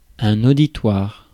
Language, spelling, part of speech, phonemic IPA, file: French, auditoire, noun, /o.di.twaʁ/, Fr-auditoire.ogg
- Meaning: 1. audience, auditory 2. court (people in the courtroom) 3. auditorium (hall) 4. lecture theatre, lecture hall